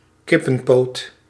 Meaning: a chicken leg, the lower leg of a chicken
- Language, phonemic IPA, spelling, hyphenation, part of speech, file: Dutch, /ˈkɪ.pə(n)ˌpoːt/, kippenpoot, kip‧pen‧poot, noun, Nl-kippenpoot.ogg